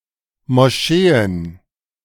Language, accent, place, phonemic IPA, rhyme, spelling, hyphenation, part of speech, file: German, Germany, Berlin, /mɔˈʃeːən/, -eːən, Moscheen, Mo‧sche‧en, noun, De-Moscheen.ogg
- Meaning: plural of Moschee